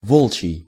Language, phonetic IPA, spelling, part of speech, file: Russian, [ˈvoɫt͡ɕɪj], волчий, adjective, Ru-волчий.ogg
- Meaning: wolfish, wolf's, lupine